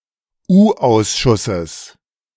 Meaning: genitive singular of U-Ausschuss
- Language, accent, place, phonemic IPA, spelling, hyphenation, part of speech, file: German, Germany, Berlin, /ˈuːˌʔaʊ̯sʃʊsəs/, U-Ausschusses, U-Aus‧schus‧ses, noun, De-U-Ausschusses.ogg